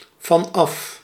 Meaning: 1. starting from, from onwards, as of, as from 2. from the top of 3. away from 4. rid of, freed from, released from, no longer affected by
- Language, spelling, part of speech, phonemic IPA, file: Dutch, vanaf, preposition / adverb, /vɑnˈɑf/, Nl-vanaf.ogg